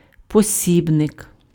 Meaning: manual, textbook
- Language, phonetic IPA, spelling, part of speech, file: Ukrainian, [poˈsʲibnek], посібник, noun, Uk-посібник.ogg